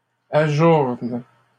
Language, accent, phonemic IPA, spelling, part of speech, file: French, Canada, /a.ʒuʁn/, ajournent, verb, LL-Q150 (fra)-ajournent.wav
- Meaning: third-person plural present indicative/subjunctive of ajourner